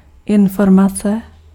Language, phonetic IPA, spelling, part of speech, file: Czech, [ˈɪnformat͡sɛ], informace, noun, Cs-informace.ogg
- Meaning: information